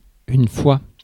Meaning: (noun) time (an instance or repetition of something happening); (preposition) times, multiplied by; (noun) plural of foi
- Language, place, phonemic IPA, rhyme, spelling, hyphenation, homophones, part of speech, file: French, Paris, /fwa/, -a, fois, fois, foi / foie / foies, noun / preposition, Fr-fois.ogg